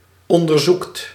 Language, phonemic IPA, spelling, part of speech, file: Dutch, /ˌɔndərˈzukt/, onderzoekt, verb, Nl-onderzoekt.ogg
- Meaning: inflection of onderzoeken: 1. second/third-person singular present indicative 2. plural imperative